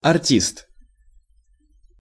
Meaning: artist, actor, performer
- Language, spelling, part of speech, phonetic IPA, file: Russian, артист, noun, [ɐrˈtʲist], Ru-артист.ogg